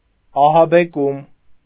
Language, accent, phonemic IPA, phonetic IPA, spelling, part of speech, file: Armenian, Eastern Armenian, /ɑhɑbeˈkum/, [ɑhɑbekúm], ահաբեկում, noun, Hy-ահաբեկում.ogg
- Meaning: the act of frightening or terrorizing